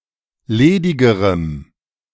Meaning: strong dative masculine/neuter singular comparative degree of ledig
- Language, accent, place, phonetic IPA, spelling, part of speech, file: German, Germany, Berlin, [ˈleːdɪɡəʁəm], ledigerem, adjective, De-ledigerem.ogg